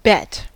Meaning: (noun) A wager, an agreement between two parties that a stake (usually money) will be paid by the loser to the winner (the winner being the one who correctly forecast the outcome of an event)
- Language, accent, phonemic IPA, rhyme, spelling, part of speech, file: English, US, /bɛt/, -ɛt, bet, noun / verb / interjection / preposition, En-us-bet.ogg